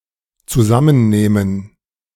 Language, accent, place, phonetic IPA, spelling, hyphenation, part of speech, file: German, Germany, Berlin, [tsuˈzamənˌneːmən], zusammennehmen, zu‧sam‧men‧neh‧men, verb, De-zusammennehmen.ogg
- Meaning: 1. to add up, total 2. to sum up 3. to summon, summon up, muster, muster up 4. to pull together, compose